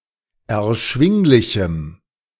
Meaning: strong dative masculine/neuter singular of erschwinglich
- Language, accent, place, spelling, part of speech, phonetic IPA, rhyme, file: German, Germany, Berlin, erschwinglichem, adjective, [ɛɐ̯ˈʃvɪŋlɪçm̩], -ɪŋlɪçm̩, De-erschwinglichem.ogg